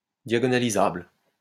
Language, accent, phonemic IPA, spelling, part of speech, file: French, France, /dja.ɡɔ.na.li.zabl/, diagonalisable, adjective, LL-Q150 (fra)-diagonalisable.wav
- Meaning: diagonalizable